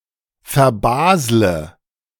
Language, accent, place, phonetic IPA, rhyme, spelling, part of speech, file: German, Germany, Berlin, [fɛɐ̯ˈbaːzlə], -aːzlə, verbasle, verb, De-verbasle.ogg
- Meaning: inflection of verbaseln: 1. first-person singular present 2. first/third-person singular subjunctive I 3. singular imperative